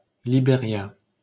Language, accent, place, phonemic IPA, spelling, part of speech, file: French, France, Paris, /li.be.ʁja/, Libéria, proper noun, LL-Q150 (fra)-Libéria.wav
- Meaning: Liberia (a country in West Africa, on the Atlantic Ocean, with Monrovia as its capital)